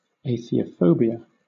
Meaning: A fear or hatred of atheism or atheists
- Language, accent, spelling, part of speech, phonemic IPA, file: English, Southern England, atheophobia, noun, /ˌeɪθioʊˈfoʊbiə/, LL-Q1860 (eng)-atheophobia.wav